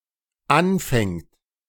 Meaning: third-person singular dependent present of anfangen
- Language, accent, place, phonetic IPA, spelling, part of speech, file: German, Germany, Berlin, [ˈanˌfɛŋt], anfängt, verb, De-anfängt.ogg